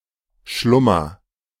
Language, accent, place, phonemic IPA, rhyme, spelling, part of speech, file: German, Germany, Berlin, /ˈʃlʊmɐ/, -ʊmɐ, Schlummer, noun, De-Schlummer.ogg
- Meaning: slumber